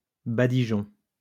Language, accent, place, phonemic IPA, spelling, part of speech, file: French, France, Lyon, /ba.di.ʒɔ̃/, badigeon, noun, LL-Q150 (fra)-badigeon.wav
- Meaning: distemper, badigeon